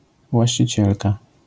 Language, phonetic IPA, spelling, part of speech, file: Polish, [ˌvwaɕt͡ɕiˈt͡ɕɛlka], właścicielka, noun, LL-Q809 (pol)-właścicielka.wav